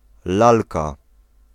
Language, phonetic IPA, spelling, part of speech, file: Polish, [ˈlalka], lalka, noun, Pl-lalka.ogg